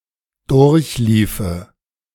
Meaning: first/third-person singular subjunctive II of durchlaufen
- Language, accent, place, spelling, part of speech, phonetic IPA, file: German, Germany, Berlin, durchliefe, verb, [ˈdʊʁçˌliːfə], De-durchliefe.ogg